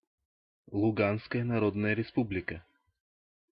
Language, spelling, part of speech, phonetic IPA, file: Russian, Луганская Народная Республика, proper noun, [ɫʊˈɡanskəjə nɐˈrodnəjə rʲɪˈspublʲɪkə], Ru-Луганская Народная Республика.ogg
- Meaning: Luhansk People's Republic (a self-proclaimed quasi-state, internationally recognized as part of country of Ukraine; one of two members of the Confederation of Novorossiya.)